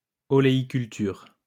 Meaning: olivegrowing
- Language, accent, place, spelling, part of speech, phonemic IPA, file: French, France, Lyon, oléiculture, noun, /ɔ.le.i.kyl.tyʁ/, LL-Q150 (fra)-oléiculture.wav